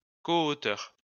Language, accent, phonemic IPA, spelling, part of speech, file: French, France, /kɔ.o.tœʁ/, coauteur, noun, LL-Q150 (fra)-coauteur.wav
- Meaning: 1. coauthor 2. cowriter